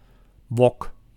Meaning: wok (large cooking pan, typical of East-Asian cuisine)
- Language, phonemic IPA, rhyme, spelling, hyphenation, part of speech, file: Dutch, /ʋɔk/, -ɔk, wok, wok, noun, Nl-wok.ogg